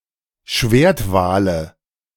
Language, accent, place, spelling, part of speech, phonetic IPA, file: German, Germany, Berlin, Schwertwale, noun, [ˈʃveːɐ̯tˌvaːlə], De-Schwertwale.ogg
- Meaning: nominative/accusative/genitive plural of Schwertwal